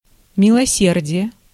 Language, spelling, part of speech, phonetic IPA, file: Russian, милосердие, noun, [mʲɪɫɐˈsʲerdʲɪje], Ru-милосердие.ogg
- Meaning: 1. mercy (relenting; forbearance to cause or allow harm to another) 2. charity, clemency